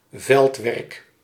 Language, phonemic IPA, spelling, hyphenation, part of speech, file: Dutch, /ˈvɛlt.ʋɛrk/, veldwerk, veld‧werk, noun, Nl-veldwerk.ogg
- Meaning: fieldwork